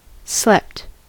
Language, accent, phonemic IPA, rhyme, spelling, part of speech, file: English, US, /slɛpt/, -ɛpt, slept, verb, En-us-slept.ogg
- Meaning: simple past and past participle of sleep